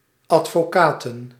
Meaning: plural of advocaat
- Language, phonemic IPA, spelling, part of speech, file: Dutch, /ˌɑtfoˈkatə(n)/, advocaten, noun, Nl-advocaten.ogg